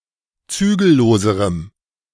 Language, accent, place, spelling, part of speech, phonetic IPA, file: German, Germany, Berlin, zügelloserem, adjective, [ˈt͡syːɡl̩ˌloːzəʁəm], De-zügelloserem.ogg
- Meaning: strong dative masculine/neuter singular comparative degree of zügellos